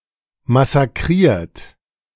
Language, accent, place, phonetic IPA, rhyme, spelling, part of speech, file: German, Germany, Berlin, [masaˈkʁiːɐ̯t], -iːɐ̯t, massakriert, verb, De-massakriert.ogg
- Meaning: 1. past participle of massakrieren 2. inflection of massakrieren: third-person singular present 3. inflection of massakrieren: second-person plural present